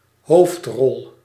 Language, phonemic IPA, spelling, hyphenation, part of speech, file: Dutch, /ˈɦoːft.rɔl/, hoofdrol, hoofd‧rol, noun, Nl-hoofdrol.ogg
- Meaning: 1. lead role, leading role 2. protagonist